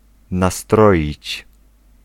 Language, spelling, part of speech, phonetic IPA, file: Polish, nastroić, verb, [naˈstrɔʲit͡ɕ], Pl-nastroić.ogg